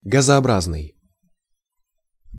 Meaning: gaseous, gasiform
- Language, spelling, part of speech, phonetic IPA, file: Russian, газообразный, adjective, [ɡəzɐɐˈbraznɨj], Ru-газообразный.ogg